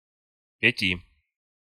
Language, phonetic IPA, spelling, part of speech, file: Russian, [pʲɪˈtʲi], пяти, numeral, Ru-пяти.ogg
- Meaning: genitive/dative/prepositional of пять (pjatʹ)